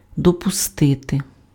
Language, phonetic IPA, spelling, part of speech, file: Ukrainian, [dɔpʊˈstɪte], допустити, verb, Uk-допустити.ogg
- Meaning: 1. to admit (grant entrance or access to) 2. to permit, to allow, to accept, to tolerate 3. to admit (concede as true or possible)